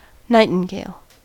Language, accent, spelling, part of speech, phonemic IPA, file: English, US, nightingale, noun, /ˈnaɪtɪŋɡeɪl/, En-us-nightingale.ogg
- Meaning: A Eurasian and African songbird, Luscinia megarhynchos, family Muscicapidae, famed for its beautiful singing at night; a common nightingale